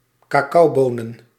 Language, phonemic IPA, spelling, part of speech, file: Dutch, /kaˈkɑubonə(n)/, cacaobonen, noun, Nl-cacaobonen.ogg
- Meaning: plural of cacaoboon